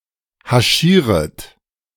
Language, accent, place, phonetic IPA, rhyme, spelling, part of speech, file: German, Germany, Berlin, [haˈʃiːʁət], -iːʁət, haschieret, verb, De-haschieret.ogg
- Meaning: second-person plural subjunctive I of haschieren